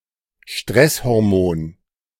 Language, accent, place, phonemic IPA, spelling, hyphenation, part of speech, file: German, Germany, Berlin, /ˈʃtʁɛshɔʁˌmoːn/, Stresshormon, Stress‧hor‧mon, noun, De-Stresshormon.ogg
- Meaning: stress hormone